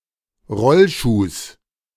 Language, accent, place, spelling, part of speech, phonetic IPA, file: German, Germany, Berlin, Rollschuhs, noun, [ˈʁɔlˌʃuːs], De-Rollschuhs.ogg
- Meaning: genitive singular of Rollschuh